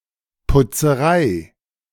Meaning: 1. cleaning that is viewed as an inconvenience 2. dry cleaner
- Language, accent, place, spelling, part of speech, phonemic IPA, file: German, Germany, Berlin, Putzerei, noun, /pʊt͡səˈʁaɪ̯/, De-Putzerei.ogg